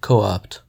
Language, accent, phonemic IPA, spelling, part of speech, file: English, US, /ˈkoʊˌɑpt/, co-opt, verb, En-us-co-opt.ogg
- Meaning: 1. To elect as a fellow member of a group, such as a committee 2. To commandeer, appropriate or take over 3. To absorb or assimilate into an established group, movement, category, etc